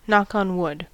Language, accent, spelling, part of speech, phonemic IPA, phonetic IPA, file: English, US, knock on wood, verb / interjection, /ˌnɑk ɑn ˈwʊd/, [ˌnäk än ˈwʊd], En-us-knock on wood.ogg
- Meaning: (verb) To take a customary action to ward off some misfortune that is believed to be attracted by a presumptuous statement